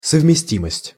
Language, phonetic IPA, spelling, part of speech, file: Russian, [səvmʲɪˈsʲtʲiməsʲtʲ], совместимость, noun, Ru-совместимость.ogg
- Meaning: compatibility